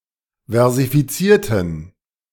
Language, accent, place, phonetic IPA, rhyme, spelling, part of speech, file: German, Germany, Berlin, [vɛʁzifiˈt͡siːɐ̯tn̩], -iːɐ̯tn̩, versifizierten, adjective / verb, De-versifizierten.ogg
- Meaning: inflection of versifizieren: 1. first/third-person plural preterite 2. first/third-person plural subjunctive II